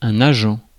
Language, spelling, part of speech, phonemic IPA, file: French, agent, noun, /a.ʒɑ̃/, Fr-agent.ogg
- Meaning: agent